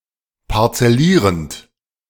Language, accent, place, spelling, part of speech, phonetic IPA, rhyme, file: German, Germany, Berlin, parzellierend, verb, [paʁt͡sɛˈliːʁənt], -iːʁənt, De-parzellierend.ogg
- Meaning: present participle of parzellieren